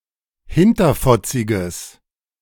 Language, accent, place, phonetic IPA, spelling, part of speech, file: German, Germany, Berlin, [ˈhɪntɐfɔt͡sɪɡəs], hinterfotziges, adjective, De-hinterfotziges.ogg
- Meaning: strong/mixed nominative/accusative neuter singular of hinterfotzig